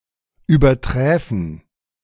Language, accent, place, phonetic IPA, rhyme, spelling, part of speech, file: German, Germany, Berlin, [yːbɐˈtʁɛːfn̩], -ɛːfn̩, überträfen, verb, De-überträfen.ogg
- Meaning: first-person plural subjunctive II of übertreffen